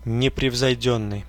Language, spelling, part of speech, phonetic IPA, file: Russian, непревзойдённый, adjective, [nʲɪprʲɪvzɐjˈdʲɵnːɨj], Ru-непревзойдённый.ogg
- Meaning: unsurpassed, peerless, second to none, matchless